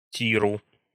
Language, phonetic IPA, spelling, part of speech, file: Russian, [ˈtʲirʊ], тиру, noun, Ru-ти́ру.ogg
- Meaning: dative singular of тир (tir)